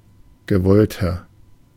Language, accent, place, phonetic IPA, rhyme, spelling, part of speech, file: German, Germany, Berlin, [ɡəˈvɔltɐ], -ɔltɐ, gewollter, adjective, De-gewollter.ogg
- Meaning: 1. comparative degree of gewollt 2. inflection of gewollt: strong/mixed nominative masculine singular 3. inflection of gewollt: strong genitive/dative feminine singular